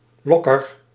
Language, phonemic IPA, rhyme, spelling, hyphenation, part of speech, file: Dutch, /ˈlɔ.kər/, -ɔkər, locker, loc‧ker, noun, Nl-locker.ogg
- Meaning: a locker (lockable storage compartment)